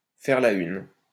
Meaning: to hit the headlines (to appear prominently in the news; to be the first topic broached on the news; to appear on the front page of a publication)
- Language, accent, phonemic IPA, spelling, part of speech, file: French, France, /fɛʁ la yn/, faire la une, verb, LL-Q150 (fra)-faire la une.wav